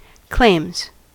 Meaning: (noun) plural of claim; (verb) third-person singular simple present indicative of claim
- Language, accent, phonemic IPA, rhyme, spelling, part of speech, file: English, US, /kleɪmz/, -eɪmz, claims, noun / verb, En-us-claims.ogg